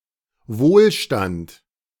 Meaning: 1. prosperity 2. affluence, wealth
- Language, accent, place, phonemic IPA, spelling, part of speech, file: German, Germany, Berlin, /ˈvoːlˌʃtant/, Wohlstand, noun, De-Wohlstand.ogg